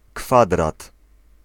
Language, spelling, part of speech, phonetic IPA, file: Polish, kwadrat, noun, [ˈkfadrat], Pl-kwadrat.ogg